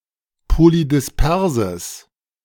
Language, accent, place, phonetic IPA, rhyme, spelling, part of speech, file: German, Germany, Berlin, [polidɪsˈpɛʁzəs], -ɛʁzəs, polydisperses, adjective, De-polydisperses.ogg
- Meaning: strong/mixed nominative/accusative neuter singular of polydispers